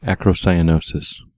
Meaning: A persistent blue or cyanotic discoloration of the digits, most commonly occurring in the hands although also occurring in the face and feet as well
- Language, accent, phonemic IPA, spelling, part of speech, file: English, US, /ˌæ.kɹoʊˌsaɪ.əˈnoʊ.sɪs/, acrocyanosis, noun, En-us-acrocyanosis.ogg